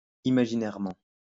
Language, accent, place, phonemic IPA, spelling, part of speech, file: French, France, Lyon, /i.ma.ʒi.nɛʁ.mɑ̃/, imaginairement, adverb, LL-Q150 (fra)-imaginairement.wav
- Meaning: imaginarily